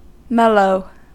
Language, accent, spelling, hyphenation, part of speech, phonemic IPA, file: English, General American, mellow, mel‧low, adjective / noun / verb, /ˈmɛloʊ/, En-us-mellow.ogg
- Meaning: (adjective) 1. Soft or tender by reason of ripeness; having a tender pulp 2. Matured and smooth, and not acidic, harsh, or sharp 3. Soft and easily penetrated or worked; not hard or rigid; loamy